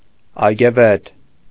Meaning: full of gardens, having many gardens
- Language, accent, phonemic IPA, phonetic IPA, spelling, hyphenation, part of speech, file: Armenian, Eastern Armenian, /ɑjɡeˈvet/, [ɑjɡevét], այգեվետ, այ‧գե‧վետ, adjective, Hy-այգեվետ.ogg